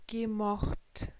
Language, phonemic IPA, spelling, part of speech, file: German, /ɡə.ˈmɔxtʰ/, gemocht, verb, De-gemocht.ogg
- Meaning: past participle of mögen